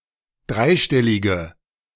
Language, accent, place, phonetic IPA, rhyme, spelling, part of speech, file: German, Germany, Berlin, [ˈdʁaɪ̯ˌʃtɛlɪɡə], -aɪ̯ʃtɛlɪɡə, dreistellige, adjective, De-dreistellige.ogg
- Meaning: inflection of dreistellig: 1. strong/mixed nominative/accusative feminine singular 2. strong nominative/accusative plural 3. weak nominative all-gender singular